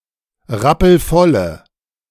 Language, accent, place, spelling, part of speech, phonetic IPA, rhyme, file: German, Germany, Berlin, rappelvolle, adjective, [ˈʁapl̩ˈfɔlə], -ɔlə, De-rappelvolle.ogg
- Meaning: inflection of rappelvoll: 1. strong/mixed nominative/accusative feminine singular 2. strong nominative/accusative plural 3. weak nominative all-gender singular